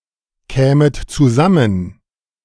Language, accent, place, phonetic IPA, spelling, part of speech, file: German, Germany, Berlin, [ˌkɛːmət t͡suˈzamən], kämet zusammen, verb, De-kämet zusammen.ogg
- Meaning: second-person plural subjunctive I of zusammenkommen